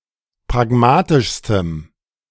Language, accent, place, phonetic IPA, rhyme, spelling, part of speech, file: German, Germany, Berlin, [pʁaˈɡmaːtɪʃstəm], -aːtɪʃstəm, pragmatischstem, adjective, De-pragmatischstem.ogg
- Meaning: strong dative masculine/neuter singular superlative degree of pragmatisch